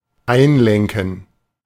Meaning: to relent, back down
- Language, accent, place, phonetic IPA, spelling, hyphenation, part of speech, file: German, Germany, Berlin, [ˈaɪ̯nˌlɛŋkn̩], einlenken, ein‧len‧ken, verb, De-einlenken.ogg